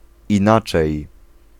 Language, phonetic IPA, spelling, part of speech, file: Polish, [ĩˈnat͡ʃɛj], inaczej, adverb, Pl-inaczej.ogg